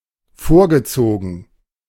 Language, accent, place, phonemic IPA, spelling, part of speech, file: German, Germany, Berlin, /ˈfoːɐ̯ɡəˌt͡soːɡn̩/, vorgezogen, verb / adjective, De-vorgezogen.ogg
- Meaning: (verb) past participle of vorziehen; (adjective) early